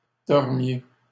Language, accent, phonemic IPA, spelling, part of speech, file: French, Canada, /dɔʁ.mje/, dormiez, verb, LL-Q150 (fra)-dormiez.wav
- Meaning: inflection of dormir: 1. second-person plural imperfect indicative 2. second-person plural present subjunctive